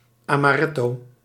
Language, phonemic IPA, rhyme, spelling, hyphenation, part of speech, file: Dutch, /ˌaː.maːˈrɛ.toː/, -ɛtoː, amaretto, ama‧ret‧to, noun, Nl-amaretto.ogg
- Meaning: 1. amaretto 2. a glass or other serving of amaretto